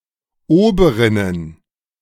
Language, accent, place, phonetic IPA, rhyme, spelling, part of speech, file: German, Germany, Berlin, [ˈoːbəʁɪnən], -oːbəʁɪnən, Oberinnen, noun, De-Oberinnen.ogg
- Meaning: plural of Oberin